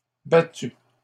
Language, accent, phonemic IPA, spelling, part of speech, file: French, Canada, /ba.ty/, battues, verb, LL-Q150 (fra)-battues.wav
- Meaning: feminine plural of battu